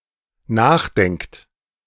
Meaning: inflection of nachdenken: 1. third-person singular dependent present 2. second-person plural dependent present
- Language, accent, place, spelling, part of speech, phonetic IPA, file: German, Germany, Berlin, nachdenkt, verb, [ˈnaːxˌdɛŋkt], De-nachdenkt.ogg